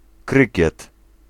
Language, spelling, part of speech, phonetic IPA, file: Polish, krykiet, noun, [ˈkrɨcɛt], Pl-krykiet.ogg